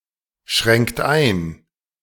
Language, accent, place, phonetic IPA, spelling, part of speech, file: German, Germany, Berlin, [ˌʃʁɛŋkt ˈaɪ̯n], schränkt ein, verb, De-schränkt ein.ogg
- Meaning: inflection of einschränken: 1. third-person singular present 2. second-person plural present 3. plural imperative